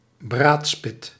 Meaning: skewer, roasting spit
- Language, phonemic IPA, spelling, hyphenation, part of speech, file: Dutch, /ˈbraːt.spɪt/, braadspit, braad‧spit, noun, Nl-braadspit.ogg